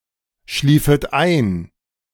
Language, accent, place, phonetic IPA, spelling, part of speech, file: German, Germany, Berlin, [ˌʃliːfət ˈaɪ̯n], schliefet ein, verb, De-schliefet ein.ogg
- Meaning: second-person plural subjunctive II of einschlafen